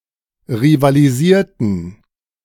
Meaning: inflection of rivalisieren: 1. first/third-person plural preterite 2. first/third-person plural subjunctive II
- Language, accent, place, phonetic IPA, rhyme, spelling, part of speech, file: German, Germany, Berlin, [ʁivaliˈziːɐ̯tn̩], -iːɐ̯tn̩, rivalisierten, verb, De-rivalisierten.ogg